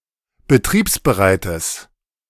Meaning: strong/mixed nominative/accusative neuter singular of betriebsbereit
- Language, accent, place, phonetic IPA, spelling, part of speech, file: German, Germany, Berlin, [bəˈtʁiːpsbəˌʁaɪ̯təs], betriebsbereites, adjective, De-betriebsbereites.ogg